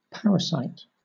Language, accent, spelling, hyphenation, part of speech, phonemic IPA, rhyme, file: English, Southern England, parasite, par‧a‧site, noun / verb, /ˈpæɹəˌsaɪt/, -aɪt, LL-Q1860 (eng)-parasite.wav